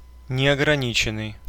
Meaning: 1. limitless, unbounded, unlimited, unrestricted 2. absolute (in terms of authority)
- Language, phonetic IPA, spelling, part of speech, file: Russian, [nʲɪəɡrɐˈnʲit͡ɕɪn(ː)ɨj], неограниченный, adjective, Ru-неограниченный.ogg